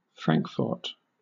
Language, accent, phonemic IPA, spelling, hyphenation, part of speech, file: English, Southern England, /ˈfɹæŋkfɔːt/, Frankfort, Frank‧fort, proper noun, LL-Q1860 (eng)-Frankfort.wav
- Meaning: A number of places in the United States, including: 1. A city, the county seat of Clinton County, Indiana 2. The capital city of Kentucky, and the county seat of Franklin County